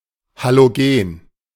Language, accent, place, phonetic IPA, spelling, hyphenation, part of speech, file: German, Germany, Berlin, [ˌhaloˈɡeːn], Halogen, Ha‧lo‧gen, noun, De-Halogen.ogg
- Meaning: halogen (any element of group 7)